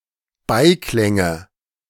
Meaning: nominative/accusative/genitive plural of Beiklang
- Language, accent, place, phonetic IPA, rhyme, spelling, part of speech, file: German, Germany, Berlin, [ˈbaɪ̯ˌklɛŋə], -aɪ̯klɛŋə, Beiklänge, noun, De-Beiklänge.ogg